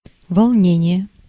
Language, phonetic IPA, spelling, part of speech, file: Russian, [vɐɫˈnʲenʲɪje], волнение, noun, Ru-волнение.ogg
- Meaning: 1. choppiness, roughness 2. excitement, tizzy 3. unrest, riot, civil commotion